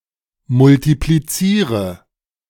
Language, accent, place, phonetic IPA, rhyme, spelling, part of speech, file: German, Germany, Berlin, [mʊltipliˈt͡siːʁə], -iːʁə, multipliziere, verb, De-multipliziere.ogg
- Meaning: inflection of multiplizieren: 1. first-person singular present 2. first/third-person singular subjunctive I 3. singular imperative